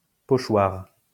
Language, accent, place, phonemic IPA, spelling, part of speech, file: French, France, Lyon, /pɔ.ʃwaʁ/, pochoir, noun, LL-Q150 (fra)-pochoir.wav
- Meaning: stencil (utensil consisting of a perforated sheet)